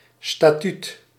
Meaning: 1. statute, legislation, regulation; written collection of laws or rules 2. statute; written rule or principle, especially of a society or other institution 3. legal status, legal position
- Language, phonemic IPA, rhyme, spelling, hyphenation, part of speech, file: Dutch, /staːˈtyt/, -yt, statuut, sta‧tuut, noun, Nl-statuut.ogg